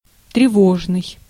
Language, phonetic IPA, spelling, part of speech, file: Russian, [trʲɪˈvoʐnɨj], тревожный, adjective, Ru-тревожный.ogg
- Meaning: 1. alarming, disturbing 2. anxious 3. alert, alarm